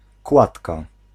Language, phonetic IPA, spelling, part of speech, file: Polish, [ˈkwatka], kładka, noun, Pl-kładka.ogg